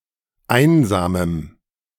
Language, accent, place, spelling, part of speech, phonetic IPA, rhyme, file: German, Germany, Berlin, einsamem, adjective, [ˈaɪ̯nzaːməm], -aɪ̯nzaːməm, De-einsamem.ogg
- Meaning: strong dative masculine/neuter singular of einsam